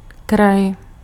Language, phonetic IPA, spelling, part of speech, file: Czech, [ˈkraj], kraj, noun, Cs-kraj.ogg
- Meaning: 1. edge, periphery, outskirts 2. region